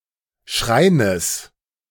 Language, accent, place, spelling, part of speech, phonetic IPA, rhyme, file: German, Germany, Berlin, Schreines, noun, [ˈʃʁaɪ̯nəs], -aɪ̯nəs, De-Schreines.ogg
- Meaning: genitive singular of Schrein